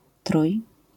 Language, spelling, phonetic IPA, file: Polish, trój-, [truj], LL-Q809 (pol)-trój-.wav